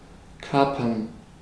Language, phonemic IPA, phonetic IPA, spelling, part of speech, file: German, /ˈkaːpɐn/, [ˈkaːpɐn], kapern, verb, De-kapern.ogg
- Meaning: to capture, to seize, to hijack (a ship or airplane)